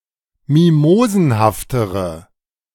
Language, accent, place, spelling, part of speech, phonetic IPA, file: German, Germany, Berlin, mimosenhaftere, adjective, [ˈmimoːzn̩haftəʁə], De-mimosenhaftere.ogg
- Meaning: inflection of mimosenhaft: 1. strong/mixed nominative/accusative feminine singular comparative degree 2. strong nominative/accusative plural comparative degree